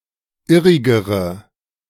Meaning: inflection of irrig: 1. strong/mixed nominative/accusative feminine singular comparative degree 2. strong nominative/accusative plural comparative degree
- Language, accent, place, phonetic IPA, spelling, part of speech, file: German, Germany, Berlin, [ˈɪʁɪɡəʁə], irrigere, adjective, De-irrigere.ogg